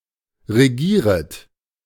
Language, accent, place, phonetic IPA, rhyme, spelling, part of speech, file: German, Germany, Berlin, [ʁeˈɡiːʁət], -iːʁət, regieret, verb, De-regieret.ogg
- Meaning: second-person plural subjunctive I of regieren